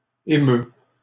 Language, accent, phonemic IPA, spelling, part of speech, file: French, Canada, /e.mø/, émeus, verb, LL-Q150 (fra)-émeus.wav
- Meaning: inflection of émouvoir: 1. first/second-person singular present indicative 2. second-person singular imperative